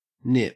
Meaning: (verb) To catch and enclose or compress tightly between two surfaces, or points which are brought together or closed; to pinch; to close in upon
- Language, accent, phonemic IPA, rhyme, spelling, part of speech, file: English, Australia, /nɪp/, -ɪp, nip, verb / noun, En-au-nip.ogg